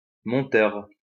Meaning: editor (film, TV, etc.)
- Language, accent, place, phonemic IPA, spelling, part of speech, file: French, France, Lyon, /mɔ̃.tœʁ/, monteur, noun, LL-Q150 (fra)-monteur.wav